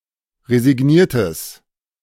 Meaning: strong/mixed nominative/accusative neuter singular of resigniert
- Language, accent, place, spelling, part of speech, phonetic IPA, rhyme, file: German, Germany, Berlin, resigniertes, adjective, [ʁezɪˈɡniːɐ̯təs], -iːɐ̯təs, De-resigniertes.ogg